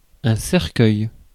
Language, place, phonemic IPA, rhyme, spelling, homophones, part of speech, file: French, Paris, /sɛʁ.kœj/, -œj, cercueil, cercueils, noun, Fr-cercueil.ogg
- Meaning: coffin, casket